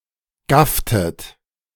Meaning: inflection of gaffen: 1. second-person plural preterite 2. second-person plural subjunctive II
- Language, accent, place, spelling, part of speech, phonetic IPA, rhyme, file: German, Germany, Berlin, gafftet, verb, [ˈɡaftət], -aftət, De-gafftet.ogg